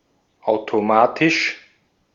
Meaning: automatic
- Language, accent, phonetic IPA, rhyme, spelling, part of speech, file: German, Austria, [ˌaʊ̯toˈmaːtɪʃ], -aːtɪʃ, automatisch, adjective, De-at-automatisch.ogg